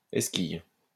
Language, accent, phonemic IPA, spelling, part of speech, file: French, France, /ɛs.kij/, esquille, noun, LL-Q150 (fra)-esquille.wav
- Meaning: splinter